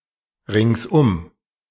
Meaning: all around, on all sides
- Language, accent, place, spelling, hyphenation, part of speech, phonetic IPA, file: German, Germany, Berlin, ringsum, ringsum, adverb, [ˈʁɪŋsˈʔʊm], De-ringsum.ogg